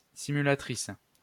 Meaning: 1. female equivalent of simulateur 2. female equivalent of simulateur: a woman who pretends to have an orgasm
- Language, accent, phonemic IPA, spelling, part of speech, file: French, France, /si.my.la.tʁis/, simulatrice, noun, LL-Q150 (fra)-simulatrice.wav